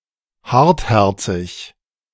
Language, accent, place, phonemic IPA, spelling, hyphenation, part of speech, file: German, Germany, Berlin, /ˈhaʁtˌhɛʁt͡sɪç/, hartherzig, hart‧her‧zig, adjective, De-hartherzig.ogg
- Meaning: hardhearted